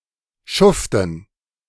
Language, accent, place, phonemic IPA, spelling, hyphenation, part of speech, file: German, Germany, Berlin, /ˈʃʊftən/, Schuften, Schuf‧ten, noun, De-Schuften.ogg
- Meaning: 1. gerund of schuften 2. dative plural of Schuft